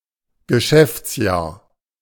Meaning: financial year
- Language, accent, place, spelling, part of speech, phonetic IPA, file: German, Germany, Berlin, Geschäftsjahr, noun, [ɡəˈʃɛft͡sˌjaːɐ̯], De-Geschäftsjahr.ogg